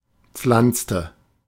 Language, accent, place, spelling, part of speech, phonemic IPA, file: German, Germany, Berlin, pflanzte, verb, /ˈpflantstə/, De-pflanzte.ogg
- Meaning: inflection of pflanzen: 1. first/third-person singular preterite 2. first/third-person singular subjunctive II